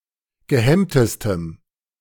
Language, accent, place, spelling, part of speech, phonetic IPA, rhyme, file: German, Germany, Berlin, gehemmtestem, adjective, [ɡəˈhɛmtəstəm], -ɛmtəstəm, De-gehemmtestem.ogg
- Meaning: strong dative masculine/neuter singular superlative degree of gehemmt